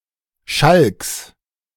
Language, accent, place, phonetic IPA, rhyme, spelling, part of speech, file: German, Germany, Berlin, [ʃalks], -alks, Schalks, noun, De-Schalks.ogg
- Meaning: genitive of Schalk